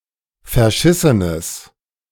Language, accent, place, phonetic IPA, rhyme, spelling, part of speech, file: German, Germany, Berlin, [fɛɐ̯ˈʃɪsənəs], -ɪsənəs, verschissenes, adjective, De-verschissenes.ogg
- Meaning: strong/mixed nominative/accusative neuter singular of verschissen